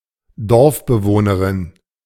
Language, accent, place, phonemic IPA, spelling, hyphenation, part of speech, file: German, Germany, Berlin, /ˈdɔʁfbəˌvoːnəʁɪn/, Dorfbewohnerin, Dorf‧be‧woh‧ne‧rin, noun, De-Dorfbewohnerin.ogg
- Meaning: female equivalent of Dorfbewohner